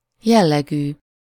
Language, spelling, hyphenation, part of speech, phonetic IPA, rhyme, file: Hungarian, jellegű, jel‧le‧gű, adjective, [ˈjɛlːɛɡyː], -ɡyː, Hu-jellegű.ogg
- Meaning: of some kind of character or nature